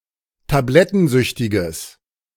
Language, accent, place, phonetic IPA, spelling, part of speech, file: German, Germany, Berlin, [taˈblɛtn̩ˌzʏçtɪɡəs], tablettensüchtiges, adjective, De-tablettensüchtiges.ogg
- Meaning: strong/mixed nominative/accusative neuter singular of tablettensüchtig